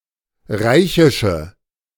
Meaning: inflection of reichisch: 1. strong/mixed nominative/accusative feminine singular 2. strong nominative/accusative plural 3. weak nominative all-gender singular
- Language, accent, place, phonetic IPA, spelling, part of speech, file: German, Germany, Berlin, [ˈʁaɪ̯çɪʃə], reichische, adjective, De-reichische.ogg